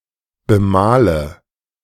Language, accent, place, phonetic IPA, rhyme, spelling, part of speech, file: German, Germany, Berlin, [bəˈmaːlə], -aːlə, bemale, verb, De-bemale.ogg
- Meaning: inflection of bemalen: 1. first-person singular present 2. first/third-person singular subjunctive I 3. singular imperative